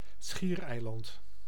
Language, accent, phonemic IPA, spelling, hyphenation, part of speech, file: Dutch, Netherlands, /ˈsxiːrˌɛi̯.lɑnt/, schiereiland, schier‧ei‧land, noun, Nl-schiereiland.ogg
- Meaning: peninsula